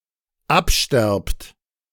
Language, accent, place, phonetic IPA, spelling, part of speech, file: German, Germany, Berlin, [ˈapˌʃtɛʁpt], absterbt, verb, De-absterbt.ogg
- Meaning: second-person plural dependent present of absterben